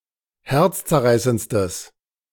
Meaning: strong/mixed nominative/accusative neuter singular superlative degree of herzzerreißend
- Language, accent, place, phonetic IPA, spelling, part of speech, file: German, Germany, Berlin, [ˈhɛʁt͡st͡sɛɐ̯ˌʁaɪ̯sənt͡stəs], herzzerreißendstes, adjective, De-herzzerreißendstes.ogg